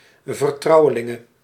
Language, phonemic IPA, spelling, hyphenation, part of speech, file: Dutch, /vərˈtrɑu̯.ə.lɪ.ŋə/, vertrouwelinge, ver‧trou‧we‧lin‧ge, noun, Nl-vertrouwelinge.ogg
- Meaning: female equivalent of vertrouweling